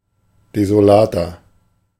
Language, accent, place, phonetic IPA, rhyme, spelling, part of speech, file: German, Germany, Berlin, [dezoˈlaːtɐ], -aːtɐ, desolater, adjective, De-desolater.ogg
- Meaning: 1. comparative degree of desolat 2. inflection of desolat: strong/mixed nominative masculine singular 3. inflection of desolat: strong genitive/dative feminine singular